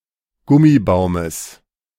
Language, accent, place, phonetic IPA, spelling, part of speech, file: German, Germany, Berlin, [ˈɡʊmiˌbaʊ̯məs], Gummibaumes, noun, De-Gummibaumes.ogg
- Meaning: genitive singular of Gummibaum